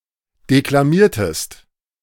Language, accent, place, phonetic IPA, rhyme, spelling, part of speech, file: German, Germany, Berlin, [ˌdeklaˈmiːɐ̯təst], -iːɐ̯təst, deklamiertest, verb, De-deklamiertest.ogg
- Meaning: inflection of deklamieren: 1. second-person singular preterite 2. second-person singular subjunctive II